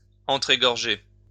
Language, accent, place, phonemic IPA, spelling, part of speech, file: French, France, Lyon, /ɑ̃.tʁe.ɡɔʁ.ʒe/, entre-égorger, verb, LL-Q150 (fra)-entre-égorger.wav
- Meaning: to cut or slit each other's throats